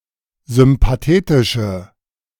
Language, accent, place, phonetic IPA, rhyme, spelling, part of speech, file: German, Germany, Berlin, [zʏmpaˈteːtɪʃə], -eːtɪʃə, sympathetische, adjective, De-sympathetische.ogg
- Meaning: inflection of sympathetisch: 1. strong/mixed nominative/accusative feminine singular 2. strong nominative/accusative plural 3. weak nominative all-gender singular